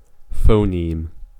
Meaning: An indivisible unit of sound in a given language. A phoneme is an abstraction of the physical speech sounds (phones) and may encompass several different phones
- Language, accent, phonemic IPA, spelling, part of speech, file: English, US, /ˈfoʊ.nim/, phoneme, noun, En-us-phoneme.ogg